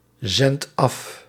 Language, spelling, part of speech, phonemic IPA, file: Dutch, zendt af, verb, /ˈzɛnt ˈɑf/, Nl-zendt af.ogg
- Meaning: inflection of afzenden: 1. second/third-person singular present indicative 2. plural imperative